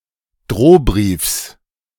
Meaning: genitive of Drohbrief
- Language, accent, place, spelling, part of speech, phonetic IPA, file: German, Germany, Berlin, Drohbriefs, noun, [ˈdʁoːˌbʁiːfs], De-Drohbriefs.ogg